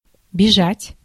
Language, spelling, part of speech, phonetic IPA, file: Russian, бежать, verb, [bʲɪˈʐatʲ], Ru-бежать.ogg
- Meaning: 1. to run, to be running 2. to flee, to be fleeing 3. to avoid, to be avoiding, to shun, to be shunning 4. to run after